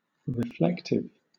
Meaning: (adjective) 1. That reflects, or redirects back to the source 2. Pondering, especially thinking back on the past 3. That reveals or shows; revealing; indicative of 4. Involving reflection
- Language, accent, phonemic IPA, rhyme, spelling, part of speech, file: English, Southern England, /ɹɪˈflɛktɪv/, -ɛktɪv, reflective, adjective / noun, LL-Q1860 (eng)-reflective.wav